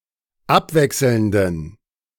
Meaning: inflection of abwechselnd: 1. strong genitive masculine/neuter singular 2. weak/mixed genitive/dative all-gender singular 3. strong/weak/mixed accusative masculine singular 4. strong dative plural
- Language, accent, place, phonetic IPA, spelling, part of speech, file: German, Germany, Berlin, [ˈapˌvɛksl̩ndn̩], abwechselnden, adjective, De-abwechselnden.ogg